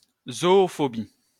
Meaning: zoophobia
- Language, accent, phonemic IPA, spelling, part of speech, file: French, France, /zɔ.ɔ.fɔ.bi/, zoophobie, noun, LL-Q150 (fra)-zoophobie.wav